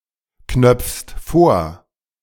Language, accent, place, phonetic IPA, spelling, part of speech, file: German, Germany, Berlin, [ˌknœp͡fst ˈfoːɐ̯], knöpfst vor, verb, De-knöpfst vor.ogg
- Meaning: second-person singular present of vorknöpfen